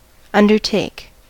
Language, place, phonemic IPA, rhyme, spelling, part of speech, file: English, California, /ˌʌndɚˈteɪk/, -eɪk, undertake, verb / noun, En-us-undertake.ogg
- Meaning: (verb) 1. To take upon oneself; to start, to embark on 2. To commit oneself (to an obligation, activity etc.)